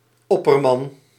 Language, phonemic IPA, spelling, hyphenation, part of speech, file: Dutch, /ˈɔpərmɑn/, opperman, opper‧man, noun, Nl-opperman.ogg
- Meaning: hodman